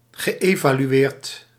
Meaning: past participle of evalueren
- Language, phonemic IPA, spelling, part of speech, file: Dutch, /ɣəˌʔevalyˈwert/, geëvalueerd, verb, Nl-geëvalueerd.ogg